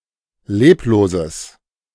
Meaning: strong/mixed nominative/accusative neuter singular of leblos
- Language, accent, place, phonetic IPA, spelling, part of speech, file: German, Germany, Berlin, [ˈleːploːzəs], lebloses, adjective, De-lebloses.ogg